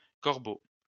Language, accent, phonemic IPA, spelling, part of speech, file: French, France, /kɔʁ.bo/, corbeaux, noun, LL-Q150 (fra)-corbeaux.wav
- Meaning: plural of corbeau